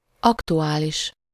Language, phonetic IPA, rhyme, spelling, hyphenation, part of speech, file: Hungarian, [ˈɒktuaːliʃ], -iʃ, aktuális, ak‧tu‧á‧lis, adjective, Hu-aktuális.ogg
- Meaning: 1. current, prevailing, going (in action at the time being) 2. relevant, topical, timely, due (of current interest)